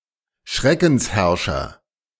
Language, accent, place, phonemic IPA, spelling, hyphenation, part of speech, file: German, Germany, Berlin, /ˈʃʁɛkn̩sˌhɛʁʃɐ/, Schreckensherrscher, Schre‧ckens‧herr‧scher, noun, De-Schreckensherrscher.ogg
- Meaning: ruler who uses terror to govern; tyrant